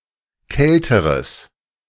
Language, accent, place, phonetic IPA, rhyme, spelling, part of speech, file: German, Germany, Berlin, [ˈkɛltəʁəs], -ɛltəʁəs, kälteres, adjective, De-kälteres.ogg
- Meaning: strong/mixed nominative/accusative neuter singular comparative degree of kalt